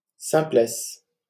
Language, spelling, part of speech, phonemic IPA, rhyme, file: French, simplesse, noun, /sɛ̃.plɛs/, -ɛs, LL-Q150 (fra)-simplesse.wav
- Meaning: natural simplicity